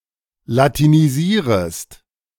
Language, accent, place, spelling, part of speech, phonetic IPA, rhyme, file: German, Germany, Berlin, latinisierest, verb, [latiniˈziːʁəst], -iːʁəst, De-latinisierest.ogg
- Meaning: second-person singular subjunctive I of latinisieren